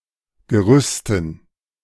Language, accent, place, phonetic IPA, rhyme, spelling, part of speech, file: German, Germany, Berlin, [ɡəˈʁʏstn̩], -ʏstn̩, Gerüsten, noun, De-Gerüsten.ogg
- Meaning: dative plural of Gerüst